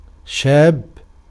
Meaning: young man, youth, adolescent
- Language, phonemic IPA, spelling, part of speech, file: Arabic, /ʃaːbb/, شاب, noun, Ar-شاب.ogg